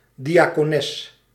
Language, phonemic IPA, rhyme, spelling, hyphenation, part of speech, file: Dutch, /ˌdi.aː.koːˈnɛs/, -ɛs, diacones, dia‧co‧nes, noun, Nl-diacones.ogg
- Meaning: a deaconess, a female deacon